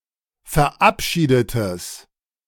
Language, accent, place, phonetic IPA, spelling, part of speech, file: German, Germany, Berlin, [fɛɐ̯ˈʔapˌʃiːdətəs], verabschiedetes, adjective, De-verabschiedetes.ogg
- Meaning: strong/mixed nominative/accusative neuter singular of verabschiedet